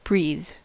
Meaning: 1. To draw air into (inhale), and expel air from (exhale), the lungs in order to extract oxygen and excrete waste gases 2. To take in needed gases and expel waste gases in a similar way
- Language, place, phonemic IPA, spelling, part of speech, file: English, California, /bɹið/, breathe, verb, En-us-breathe.ogg